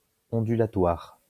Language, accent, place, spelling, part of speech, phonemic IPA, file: French, France, Lyon, ondulatoire, adjective, /ɔ̃.dy.la.twaʁ/, LL-Q150 (fra)-ondulatoire.wav
- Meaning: 1. undulatory 2. wave